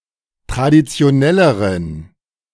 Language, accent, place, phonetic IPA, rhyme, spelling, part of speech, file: German, Germany, Berlin, [tʁadit͡si̯oˈnɛləʁən], -ɛləʁən, traditionelleren, adjective, De-traditionelleren.ogg
- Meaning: inflection of traditionell: 1. strong genitive masculine/neuter singular comparative degree 2. weak/mixed genitive/dative all-gender singular comparative degree